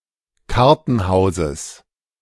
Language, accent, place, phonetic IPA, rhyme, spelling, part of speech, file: German, Germany, Berlin, [ˈkaʁtn̩ˌhaʊ̯zəs], -aʁtn̩haʊ̯zəs, Kartenhauses, noun, De-Kartenhauses.ogg
- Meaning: genitive singular of Kartenhaus